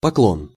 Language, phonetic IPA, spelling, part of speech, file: Russian, [pɐˈkɫon], поклон, noun, Ru-поклон.ogg
- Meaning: 1. bow (gesture made by bending forward at the waist) 2. regards